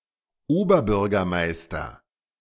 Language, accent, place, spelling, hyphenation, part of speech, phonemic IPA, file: German, Germany, Berlin, Oberbürgermeister, Ober‧bür‧ger‧meis‧ter, noun, /ˈoːbɐˌbʏʁɡɐmaɪ̯stɐ/, De-Oberbürgermeister.ogg
- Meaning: mayor (of a large city; conventionally translated Lord Mayor)